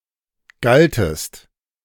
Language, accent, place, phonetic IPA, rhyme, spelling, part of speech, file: German, Germany, Berlin, [ˈɡaltəst], -altəst, galtest, verb, De-galtest.ogg
- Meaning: second-person singular preterite of gelten